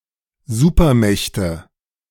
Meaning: nominative/accusative/genitive plural of Supermacht
- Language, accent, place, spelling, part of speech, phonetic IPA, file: German, Germany, Berlin, Supermächte, noun, [ˈzuːpɐˌmɛçtə], De-Supermächte.ogg